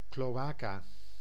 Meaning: cloaca (duct in certain vertebrates used for reproduction and excreting digestive waste)
- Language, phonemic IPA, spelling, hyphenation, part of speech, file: Dutch, /ˌkloːˈaː.kaː/, cloaca, clo‧a‧ca, noun, Nl-cloaca.ogg